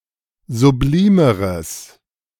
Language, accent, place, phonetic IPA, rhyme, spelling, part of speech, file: German, Germany, Berlin, [zuˈbliːməʁəs], -iːməʁəs, sublimeres, adjective, De-sublimeres.ogg
- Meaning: strong/mixed nominative/accusative neuter singular comparative degree of sublim